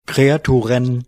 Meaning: plural of Kreatur
- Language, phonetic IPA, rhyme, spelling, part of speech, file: German, [kʁeaˈtuːʁən], -uːʁən, Kreaturen, noun, DE-Kreaturen.OGG